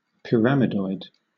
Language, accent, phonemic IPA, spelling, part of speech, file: English, Southern England, /pɪˈɹæmɪdɔɪd/, pyramidoid, noun, LL-Q1860 (eng)-pyramidoid.wav
- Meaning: A solid resembling a pyramid